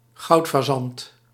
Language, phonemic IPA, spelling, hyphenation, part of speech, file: Dutch, /ˈɣɑu̯t.faːˌzɑnt/, goudfazant, goud‧fa‧zant, noun, Nl-goudfazant.ogg
- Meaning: golden pheasant, Chinese pheasant (Chrysolophus pictus)